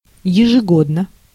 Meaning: 1. annually, yearly (once every year) 2. per annum, p.a
- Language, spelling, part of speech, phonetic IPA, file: Russian, ежегодно, adverb, [(j)ɪʐɨˈɡodnə], Ru-ежегодно.ogg